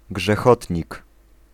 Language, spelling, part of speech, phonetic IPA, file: Polish, grzechotnik, noun, [ɡʒɛˈxɔtʲɲik], Pl-grzechotnik.ogg